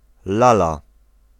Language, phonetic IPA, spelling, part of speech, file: Polish, [ˈlala], lala, noun / interjection, Pl-lala.ogg